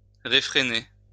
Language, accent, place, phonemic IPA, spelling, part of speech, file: French, France, Lyon, /ʁe.fʁe.ne/, réfréner, verb, LL-Q150 (fra)-réfréner.wav
- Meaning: alternative form of refréner